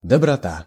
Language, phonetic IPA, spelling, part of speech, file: Russian, [dəbrɐˈta], доброта, noun, Ru-доброта.ogg
- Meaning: kindness, goodness